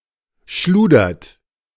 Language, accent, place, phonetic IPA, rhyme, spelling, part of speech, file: German, Germany, Berlin, [ˈʃluːdɐt], -uːdɐt, schludert, verb, De-schludert.ogg
- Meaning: third-person singular present of schludern